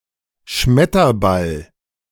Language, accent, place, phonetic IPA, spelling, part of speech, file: German, Germany, Berlin, [ˈʃmɛtɐˌbal], Schmetterball, noun, De-Schmetterball.ogg
- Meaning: 1. smash 2. dunk shot